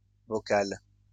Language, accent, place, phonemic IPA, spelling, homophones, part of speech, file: French, France, Lyon, /vɔ.kal/, vocale, vocal / vocales, adjective, LL-Q150 (fra)-vocale.wav
- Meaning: feminine singular of vocal